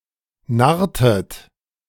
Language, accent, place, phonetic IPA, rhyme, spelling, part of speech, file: German, Germany, Berlin, [ˈnaʁtət], -aʁtət, narrtet, verb, De-narrtet.ogg
- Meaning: inflection of narren: 1. second-person plural preterite 2. second-person plural subjunctive II